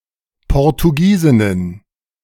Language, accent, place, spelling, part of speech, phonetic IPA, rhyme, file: German, Germany, Berlin, Portugiesinnen, noun, [pɔʁtuˈɡiːzɪnən], -iːzɪnən, De-Portugiesinnen.ogg
- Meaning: plural of Portugiesin